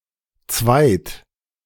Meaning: only used in zu zweit
- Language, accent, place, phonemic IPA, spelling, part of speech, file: German, Germany, Berlin, /tsvaɪ̯t/, zweit, particle, De-zweit.ogg